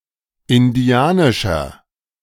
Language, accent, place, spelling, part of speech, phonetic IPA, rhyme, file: German, Germany, Berlin, indianischer, adjective, [ɪnˈdi̯aːnɪʃɐ], -aːnɪʃɐ, De-indianischer.ogg
- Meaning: inflection of indianisch: 1. strong/mixed nominative masculine singular 2. strong genitive/dative feminine singular 3. strong genitive plural